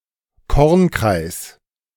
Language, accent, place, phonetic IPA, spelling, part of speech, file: German, Germany, Berlin, [ˈkɔʁnkʁaɪ̯s], Kornkreis, noun, De-Kornkreis.ogg
- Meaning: crop circle